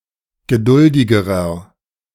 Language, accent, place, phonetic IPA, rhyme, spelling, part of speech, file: German, Germany, Berlin, [ɡəˈdʊldɪɡəʁɐ], -ʊldɪɡəʁɐ, geduldigerer, adjective, De-geduldigerer.ogg
- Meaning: inflection of geduldig: 1. strong/mixed nominative masculine singular comparative degree 2. strong genitive/dative feminine singular comparative degree 3. strong genitive plural comparative degree